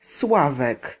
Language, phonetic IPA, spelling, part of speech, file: Polish, [ˈswavɛk], Sławek, proper noun, Pl-Sławek.ogg